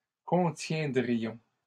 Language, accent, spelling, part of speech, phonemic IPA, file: French, Canada, contiendrions, verb, /kɔ̃.tjɛ̃.dʁi.jɔ̃/, LL-Q150 (fra)-contiendrions.wav
- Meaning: first-person plural conditional of contenir